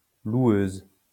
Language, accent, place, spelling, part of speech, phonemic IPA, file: French, France, Lyon, loueuse, noun, /lwøz/, LL-Q150 (fra)-loueuse.wav
- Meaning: female equivalent of loueur